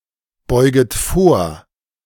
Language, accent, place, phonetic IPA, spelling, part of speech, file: German, Germany, Berlin, [ˌbɔɪ̯ɡət ˈfoːɐ̯], beuget vor, verb, De-beuget vor.ogg
- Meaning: second-person plural subjunctive I of vorbeugen